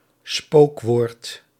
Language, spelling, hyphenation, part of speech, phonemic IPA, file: Dutch, spookwoord, spook‧woord, noun, /ˈspoːk.ʋoːrt/, Nl-spookwoord.ogg
- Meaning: ghost word (non-existent word in dictionaries or other reference works)